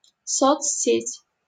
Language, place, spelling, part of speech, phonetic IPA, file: Russian, Saint Petersburg, соцсеть, noun, [ˌsot͡sʲˈsʲetʲ], LL-Q7737 (rus)-соцсеть.wav
- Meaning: social network (a network of personal or business contacts on the Internet)